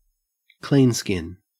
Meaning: 1. An unbranded animal 2. A person who does not have any tattoos
- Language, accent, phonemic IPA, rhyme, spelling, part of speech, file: English, Australia, /ˈkliːnskɪn/, -iːnskɪn, cleanskin, noun, En-au-cleanskin.ogg